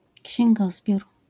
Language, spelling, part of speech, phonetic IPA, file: Polish, księgozbiór, noun, [cɕɛ̃ŋˈɡɔzbʲjur], LL-Q809 (pol)-księgozbiór.wav